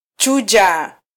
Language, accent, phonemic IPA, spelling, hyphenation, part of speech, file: Swahili, Kenya, /ˈtʃu.ʄɑ/, chuja, chu‧ja, verb, Sw-ke-chuja.flac
- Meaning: 1. to filter 2. to sieve 3. to separate, isolate 4. to filter, censor